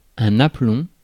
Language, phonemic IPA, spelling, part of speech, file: French, /a.plɔ̃/, aplomb, noun, Fr-aplomb.ogg
- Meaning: 1. vertical line, as measured with a plumb line 2. stability, equilibrium, uprightness, plumb 3. aplomb, self-confidence